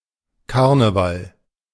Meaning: carnival
- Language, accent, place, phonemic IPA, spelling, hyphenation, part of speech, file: German, Germany, Berlin, /ˈkaʁnəval/, Karneval, Kar‧ne‧val, noun, De-Karneval.ogg